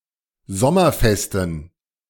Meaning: inflection of sommerfest: 1. strong genitive masculine/neuter singular 2. weak/mixed genitive/dative all-gender singular 3. strong/weak/mixed accusative masculine singular 4. strong dative plural
- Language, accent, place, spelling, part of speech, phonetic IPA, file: German, Germany, Berlin, sommerfesten, adjective, [ˈzɔmɐˌfɛstn̩], De-sommerfesten.ogg